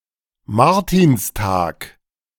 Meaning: Martinmas (the feast day of St Martin)
- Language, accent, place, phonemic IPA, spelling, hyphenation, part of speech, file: German, Germany, Berlin, /ˈmaʁtɪnstaːk/, Martinstag, Mar‧tins‧tag, noun, De-Martinstag.ogg